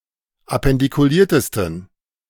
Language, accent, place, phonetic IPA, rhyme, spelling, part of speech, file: German, Germany, Berlin, [apɛndikuˈliːɐ̯təstn̩], -iːɐ̯təstn̩, appendikuliertesten, adjective, De-appendikuliertesten.ogg
- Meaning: 1. superlative degree of appendikuliert 2. inflection of appendikuliert: strong genitive masculine/neuter singular superlative degree